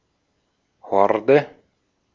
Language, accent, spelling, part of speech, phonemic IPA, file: German, Austria, Horde, noun, /ˈhɔrdə/, De-at-Horde.ogg
- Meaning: 1. horde 2. troop of monkeys 3. alternative form of Hürde: rack on which fruit and vegetables are stored or dried 4. alternative form of Hürde: mobile fencing element, hurdle